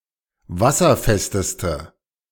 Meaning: inflection of wasserfest: 1. strong/mixed nominative/accusative feminine singular superlative degree 2. strong nominative/accusative plural superlative degree
- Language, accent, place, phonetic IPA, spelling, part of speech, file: German, Germany, Berlin, [ˈvasɐˌfɛstəstə], wasserfesteste, adjective, De-wasserfesteste.ogg